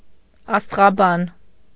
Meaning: alternative form of աստեղաբան (asteġaban)
- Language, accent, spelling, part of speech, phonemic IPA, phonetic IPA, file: Armenian, Eastern Armenian, աստղաբան, noun, /ɑstʁɑˈbɑn/, [ɑstʁɑbɑ́n], Hy-աստղաբան.ogg